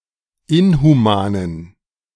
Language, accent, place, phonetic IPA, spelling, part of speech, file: German, Germany, Berlin, [ˈɪnhuˌmaːnən], inhumanen, adjective, De-inhumanen.ogg
- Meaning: inflection of inhuman: 1. strong genitive masculine/neuter singular 2. weak/mixed genitive/dative all-gender singular 3. strong/weak/mixed accusative masculine singular 4. strong dative plural